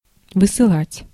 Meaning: 1. to send, to dispatch, to send forward 2. to banish, to exile; to deport, to expel
- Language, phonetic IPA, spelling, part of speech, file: Russian, [vɨsɨˈɫatʲ], высылать, verb, Ru-высылать.ogg